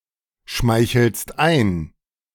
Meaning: second-person singular present of einschmeicheln
- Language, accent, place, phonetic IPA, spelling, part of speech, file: German, Germany, Berlin, [ˌʃmaɪ̯çl̩st ˈaɪ̯n], schmeichelst ein, verb, De-schmeichelst ein.ogg